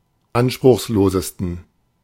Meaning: 1. superlative degree of anspruchslos 2. inflection of anspruchslos: strong genitive masculine/neuter singular superlative degree
- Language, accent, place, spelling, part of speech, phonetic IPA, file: German, Germany, Berlin, anspruchslosesten, adjective, [ˈanʃpʁʊxsˌloːzəstn̩], De-anspruchslosesten.ogg